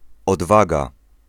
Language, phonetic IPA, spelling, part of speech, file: Polish, [ɔdˈvaɡa], odwaga, noun, Pl-odwaga.ogg